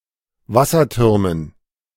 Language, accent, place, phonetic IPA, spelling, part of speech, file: German, Germany, Berlin, [ˈvasɐˌtʏʁmən], Wassertürmen, noun, De-Wassertürmen.ogg
- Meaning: dative plural of Wasserturm